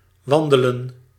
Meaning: 1. to stroll, be on a walk (‘to go for a walk’ = ‘gaan wandelen’) 2. to hike 3. to walk 4. to go out (to leave one's abode to go to public places, especially for recreation or entertainment)
- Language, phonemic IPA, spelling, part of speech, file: Dutch, /ˈʋɑn.də.lə(n)/, wandelen, verb, Nl-wandelen.ogg